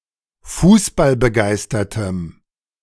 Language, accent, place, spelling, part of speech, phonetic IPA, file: German, Germany, Berlin, fußballbegeistertem, adjective, [ˈfuːsbalbəˌɡaɪ̯stɐtəm], De-fußballbegeistertem.ogg
- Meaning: strong dative masculine/neuter singular of fußballbegeistert